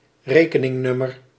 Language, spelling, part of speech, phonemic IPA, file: Dutch, rekeningnummer, noun, /ˈreːkənɪŋnʏmər/, Nl-rekeningnummer.ogg
- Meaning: account number